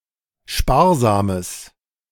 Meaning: strong/mixed nominative/accusative neuter singular of sparsam
- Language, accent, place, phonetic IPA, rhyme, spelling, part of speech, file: German, Germany, Berlin, [ˈʃpaːɐ̯zaːməs], -aːɐ̯zaːməs, sparsames, adjective, De-sparsames.ogg